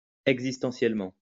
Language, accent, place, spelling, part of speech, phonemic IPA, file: French, France, Lyon, existentiellement, adverb, /ɛɡ.zis.tɑ̃.sjɛl.mɑ̃/, LL-Q150 (fra)-existentiellement.wav
- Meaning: existentially